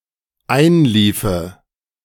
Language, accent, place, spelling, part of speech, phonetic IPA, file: German, Germany, Berlin, einliefe, verb, [ˈaɪ̯nˌliːfə], De-einliefe.ogg
- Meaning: first/third-person singular dependent subjunctive II of einlaufen